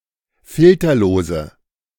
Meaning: inflection of filterlos: 1. strong/mixed nominative/accusative feminine singular 2. strong nominative/accusative plural 3. weak nominative all-gender singular
- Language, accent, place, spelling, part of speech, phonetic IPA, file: German, Germany, Berlin, filterlose, adjective, [ˈfɪltɐloːzə], De-filterlose.ogg